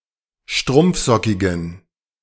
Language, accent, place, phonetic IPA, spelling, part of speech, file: German, Germany, Berlin, [ˈʃtʁʊmp͡fˌzɔkɪɡn̩], strumpfsockigen, adjective, De-strumpfsockigen.ogg
- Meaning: inflection of strumpfsockig: 1. strong genitive masculine/neuter singular 2. weak/mixed genitive/dative all-gender singular 3. strong/weak/mixed accusative masculine singular 4. strong dative plural